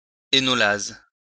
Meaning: enolase
- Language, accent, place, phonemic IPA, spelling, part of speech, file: French, France, Lyon, /e.nɔ.laz/, énolase, noun, LL-Q150 (fra)-énolase.wav